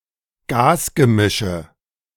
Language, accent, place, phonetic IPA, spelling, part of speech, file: German, Germany, Berlin, [ˈɡaːsɡəˌmɪʃə], Gasgemische, noun, De-Gasgemische.ogg
- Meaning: nominative/accusative/genitive plural of Gasgemisch